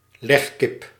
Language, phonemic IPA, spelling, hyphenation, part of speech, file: Dutch, /ˈlɛx.kɪp/, legkip, leg‧kip, noun, Nl-legkip.ogg
- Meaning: a laying hen